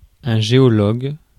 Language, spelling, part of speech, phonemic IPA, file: French, géologue, noun, /ʒe.ɔ.lɔɡ/, Fr-géologue.ogg
- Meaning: geologist